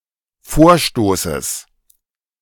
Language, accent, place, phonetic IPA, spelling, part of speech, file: German, Germany, Berlin, [ˈfoːɐ̯ˌʃtoːsəs], Vorstoßes, noun, De-Vorstoßes.ogg
- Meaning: genitive singular of Vorstoß